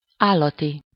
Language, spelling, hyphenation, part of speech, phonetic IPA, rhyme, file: Hungarian, állati, ál‧la‧ti, adjective, [ˈaːlːɒti], -ti, Hu-állati.ogg
- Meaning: 1. animal (of or relating to animals) 2. brute, brutal, brutish (cruel, lacking human sensibility) 3. very, really 4. awesome